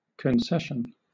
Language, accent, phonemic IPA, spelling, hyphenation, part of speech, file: English, Southern England, /kənˈsɛʃən/, concession, con‧ces‧sion, noun / verb, LL-Q1860 (eng)-concession.wav
- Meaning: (noun) 1. The act of conceding 2. An act of conceding: A compromise: a partial yielding to demands or requests